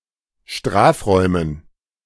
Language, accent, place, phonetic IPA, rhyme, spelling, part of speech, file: German, Germany, Berlin, [ˈʃtʁaːfˌʁɔɪ̯mən], -aːfʁɔɪ̯mən, Strafräumen, noun, De-Strafräumen.ogg
- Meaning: dative plural of Strafraum